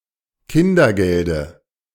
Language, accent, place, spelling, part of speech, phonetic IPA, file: German, Germany, Berlin, Kindergelde, noun, [ˈkɪndɐˌɡɛldə], De-Kindergelde.ogg
- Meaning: dative singular of Kindergeld